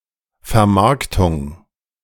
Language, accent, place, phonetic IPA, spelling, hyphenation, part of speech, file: German, Germany, Berlin, [fɛɐ̯ˈmaʁktʊŋ], Vermarktung, Ver‧mark‧tung, noun, De-Vermarktung.ogg
- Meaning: 1. marketing, merchandising 2. commercialization, exploitation